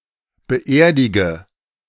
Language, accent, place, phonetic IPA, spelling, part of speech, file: German, Germany, Berlin, [bəˈʔeːɐ̯dɪɡə], beerdige, verb, De-beerdige.ogg
- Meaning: inflection of beerdigen: 1. first-person singular present 2. singular imperative 3. first/third-person singular subjunctive I